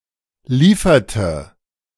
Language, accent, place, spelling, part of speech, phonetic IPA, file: German, Germany, Berlin, lieferte, verb, [ˈliːfɐtə], De-lieferte.ogg
- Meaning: inflection of liefern: 1. first/third-person singular preterite 2. first/third-person singular subjunctive II